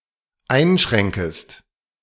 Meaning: second-person singular dependent subjunctive I of einschränken
- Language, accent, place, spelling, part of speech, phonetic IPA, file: German, Germany, Berlin, einschränkest, verb, [ˈaɪ̯nˌʃʁɛŋkəst], De-einschränkest.ogg